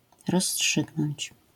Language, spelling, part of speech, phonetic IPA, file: Polish, rozstrzygnąć, verb, [rɔsˈːṭʃɨɡnɔ̃ɲt͡ɕ], LL-Q809 (pol)-rozstrzygnąć.wav